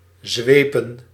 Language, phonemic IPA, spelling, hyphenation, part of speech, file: Dutch, /ˈzʋeː.pə(n)/, zwepen, zwe‧pen, verb / noun, Nl-zwepen.ogg
- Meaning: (verb) 1. to whip, flog, lash 2. to drive forcefully; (noun) plural of zweep